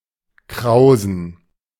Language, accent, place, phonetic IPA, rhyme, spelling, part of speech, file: German, Germany, Berlin, [ˈkʁaʊ̯zn̩], -aʊ̯zn̩, krausen, verb / adjective, De-krausen.ogg
- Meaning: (adjective) inflection of kraus: 1. strong genitive masculine/neuter singular 2. weak/mixed genitive/dative all-gender singular 3. strong/weak/mixed accusative masculine singular